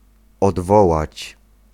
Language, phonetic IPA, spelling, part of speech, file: Polish, [ɔdˈvɔwat͡ɕ], odwołać, verb, Pl-odwołać.ogg